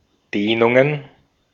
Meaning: plural of Dehnung
- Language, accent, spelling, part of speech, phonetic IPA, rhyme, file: German, Austria, Dehnungen, noun, [ˈdeːnʊŋən], -eːnʊŋən, De-at-Dehnungen.ogg